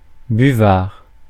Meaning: 1. blotting paper 2. blotter
- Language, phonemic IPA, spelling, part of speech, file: French, /by.vaʁ/, buvard, noun, Fr-buvard.ogg